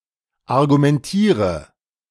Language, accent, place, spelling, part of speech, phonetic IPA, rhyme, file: German, Germany, Berlin, argumentiere, verb, [aʁɡumɛnˈtiːʁə], -iːʁə, De-argumentiere.ogg
- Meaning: inflection of argumentieren: 1. first-person singular present 2. first/third-person singular subjunctive I 3. singular imperative